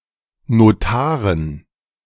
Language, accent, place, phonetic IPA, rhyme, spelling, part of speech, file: German, Germany, Berlin, [noˈtaːʁən], -aːʁən, Notaren, noun, De-Notaren.ogg
- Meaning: dative plural of Notar